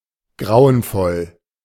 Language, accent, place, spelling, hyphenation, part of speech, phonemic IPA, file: German, Germany, Berlin, grauenvoll, grau‧en‧voll, adjective / adverb, /ˈɡʁaʊ̯ənˌfɔl/, De-grauenvoll.ogg
- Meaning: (adjective) awful, gruesome, terrible, horrifying; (adverb) cruelly, horribly, ghastly